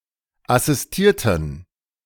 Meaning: inflection of assistieren: 1. first/third-person plural preterite 2. first/third-person plural subjunctive II
- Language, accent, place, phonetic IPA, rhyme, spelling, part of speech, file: German, Germany, Berlin, [asɪsˈtiːɐ̯tn̩], -iːɐ̯tn̩, assistierten, adjective / verb, De-assistierten.ogg